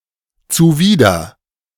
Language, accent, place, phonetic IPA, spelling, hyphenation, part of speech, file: German, Germany, Berlin, [t͡suˈviːdɐ], zuwider, zu‧wi‧der, adjective / postposition, De-zuwider.ogg
- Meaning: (adjective) abhorrent; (postposition) contrary to